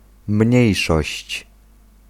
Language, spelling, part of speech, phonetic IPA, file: Polish, mniejszość, noun, [ˈmʲɲɛ̇jʃɔɕt͡ɕ], Pl-mniejszość.ogg